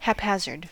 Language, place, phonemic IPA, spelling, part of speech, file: English, California, /(ˌ)hæpˈhæz.ɚd/, haphazard, adjective / noun / adverb, En-us-haphazard.ogg
- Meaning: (adjective) Random; chaotic; incomplete; not thorough, constant, or consistent; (noun) Simple chance, a random accident, luck; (adverb) Haphazardly